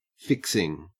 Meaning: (noun) 1. The act of subverting (fixing) a vote 2. Something to aid attachment during construction (screws, wall plugs, etc.) 3. See fixings; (verb) present participle and gerund of fix
- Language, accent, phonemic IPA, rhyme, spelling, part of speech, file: English, Australia, /ˈfɪksɪŋ/, -ɪksɪŋ, fixing, noun / verb, En-au-fixing.ogg